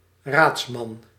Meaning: male lawyer, male legal counsel
- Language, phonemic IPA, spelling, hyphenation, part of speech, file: Dutch, /ˈraːts.mɑn/, raadsman, raads‧man, noun, Nl-raadsman.ogg